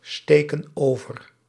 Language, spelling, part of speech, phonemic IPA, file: Dutch, steken over, verb, /ˈstekə(n) ˈovər/, Nl-steken over.ogg
- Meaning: inflection of oversteken: 1. plural present indicative 2. plural present subjunctive